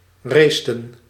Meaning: inflection of racen: 1. plural past indicative 2. plural past subjunctive
- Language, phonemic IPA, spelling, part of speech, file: Dutch, /ˈrestə(n)/, raceten, verb, Nl-raceten.ogg